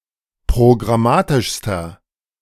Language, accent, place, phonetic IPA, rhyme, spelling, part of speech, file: German, Germany, Berlin, [pʁoɡʁaˈmaːtɪʃstɐ], -aːtɪʃstɐ, programmatischster, adjective, De-programmatischster.ogg
- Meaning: inflection of programmatisch: 1. strong/mixed nominative masculine singular superlative degree 2. strong genitive/dative feminine singular superlative degree